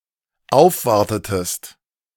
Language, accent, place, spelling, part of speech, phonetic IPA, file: German, Germany, Berlin, aufwartetest, verb, [ˈaʊ̯fˌvaʁtətəst], De-aufwartetest.ogg
- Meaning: inflection of aufwarten: 1. second-person singular dependent preterite 2. second-person singular dependent subjunctive II